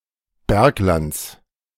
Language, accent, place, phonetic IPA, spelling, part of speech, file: German, Germany, Berlin, [ˈbɛʁkˌlant͡s], Berglands, noun, De-Berglands.ogg
- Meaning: genitive singular of Bergland